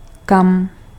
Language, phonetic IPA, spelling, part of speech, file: Czech, [ˈkam], kam, adverb, Cs-kam.ogg
- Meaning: where, whither (to what place)